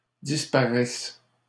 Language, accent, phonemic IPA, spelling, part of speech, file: French, Canada, /dis.pa.ʁɛs/, disparaisse, verb, LL-Q150 (fra)-disparaisse.wav
- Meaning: first/third-person singular present subjunctive of disparaître